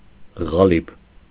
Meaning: 1. form, mould, last (for casting shapes by it) 2. a large bar of soap
- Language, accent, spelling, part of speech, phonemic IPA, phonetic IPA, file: Armenian, Eastern Armenian, ղալիբ, noun, /ʁɑˈlib/, [ʁɑlíb], Hy-ղալիբ.ogg